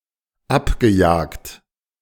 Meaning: past participle of abjagen
- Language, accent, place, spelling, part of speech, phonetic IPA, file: German, Germany, Berlin, abgejagt, verb, [ˈapɡəˌjaːkt], De-abgejagt.ogg